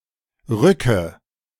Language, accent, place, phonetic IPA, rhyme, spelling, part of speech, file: German, Germany, Berlin, [ˈʁʏkə], -ʏkə, rücke, verb, De-rücke.ogg
- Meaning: inflection of rücken: 1. first-person singular present 2. first/third-person singular subjunctive I 3. singular imperative